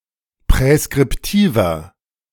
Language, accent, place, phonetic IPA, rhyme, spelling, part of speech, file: German, Germany, Berlin, [pʁɛskʁɪpˈtiːvɐ], -iːvɐ, präskriptiver, adjective, De-präskriptiver.ogg
- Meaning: inflection of präskriptiv: 1. strong/mixed nominative masculine singular 2. strong genitive/dative feminine singular 3. strong genitive plural